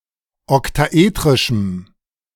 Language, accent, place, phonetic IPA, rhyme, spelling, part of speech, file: German, Germany, Berlin, [ɔktaˈʔeːtʁɪʃm̩], -eːtʁɪʃm̩, oktaetrischem, adjective, De-oktaetrischem.ogg
- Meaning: strong dative masculine/neuter singular of oktaetrisch